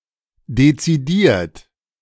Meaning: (verb) past participle of dezidieren; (adjective) determined, decided
- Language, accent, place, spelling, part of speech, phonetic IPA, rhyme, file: German, Germany, Berlin, dezidiert, adjective / verb, [det͡siˈdiːɐ̯t], -iːɐ̯t, De-dezidiert.ogg